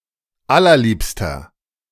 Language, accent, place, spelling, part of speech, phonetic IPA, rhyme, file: German, Germany, Berlin, allerliebster, adjective, [ˈalɐˈliːpstɐ], -iːpstɐ, De-allerliebster.ogg
- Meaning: inflection of allerliebst: 1. strong/mixed nominative masculine singular 2. strong genitive/dative feminine singular 3. strong genitive plural